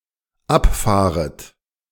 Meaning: second-person plural dependent subjunctive I of abfahren
- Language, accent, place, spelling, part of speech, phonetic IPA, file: German, Germany, Berlin, abfahret, verb, [ˈapˌfaːʁət], De-abfahret.ogg